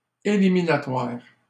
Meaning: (adjective) eliminatory (tending to eliminate); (noun) knockout stage
- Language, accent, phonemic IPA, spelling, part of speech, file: French, Canada, /e.li.mi.na.twaʁ/, éliminatoire, adjective / noun, LL-Q150 (fra)-éliminatoire.wav